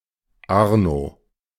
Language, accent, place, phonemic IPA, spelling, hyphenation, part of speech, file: German, Germany, Berlin, /ˈaʁno/, Arno, Ar‧no, proper noun, De-Arno.ogg
- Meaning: 1. a diminutive of the male given name Arnold, also diminutive of other Germanic compound names beginning with Arn- "eagle" 2. Arno (a river in Tuscany)